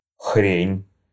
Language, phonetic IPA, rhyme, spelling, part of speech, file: Russian, [xrʲenʲ], -enʲ, хрень, noun, Ru-хрень.ogg
- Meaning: thing, object, thingy